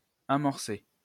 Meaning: 1. to prime, set in motion 2. to begin, to get to work on (to commence a project) 3. to break ground (start construction work) 4. to boot 5. to bait (lace with bait)
- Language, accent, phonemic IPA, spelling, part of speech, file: French, France, /a.mɔʁ.se/, amorcer, verb, LL-Q150 (fra)-amorcer.wav